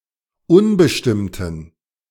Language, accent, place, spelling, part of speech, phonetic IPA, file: German, Germany, Berlin, unbestimmten, adjective, [ˈʊnbəʃtɪmtn̩], De-unbestimmten.ogg
- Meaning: inflection of unbestimmt: 1. strong genitive masculine/neuter singular 2. weak/mixed genitive/dative all-gender singular 3. strong/weak/mixed accusative masculine singular 4. strong dative plural